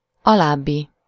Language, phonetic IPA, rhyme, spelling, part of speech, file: Hungarian, [ˈɒlaːbːi], -bi, alábbi, adjective, Hu-alábbi.ogg
- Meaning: below, following